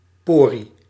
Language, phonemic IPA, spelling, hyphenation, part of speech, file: Dutch, /ˈpɔː.ri/, porie, po‧rie, noun, Nl-porie.ogg
- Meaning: pore (on the surface of skin)